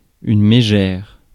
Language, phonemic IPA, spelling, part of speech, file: French, /me.ʒɛʁ/, mégère, noun, Fr-mégère.ogg
- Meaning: 1. shrew, vixen (ill-tempered woman) 2. wall brown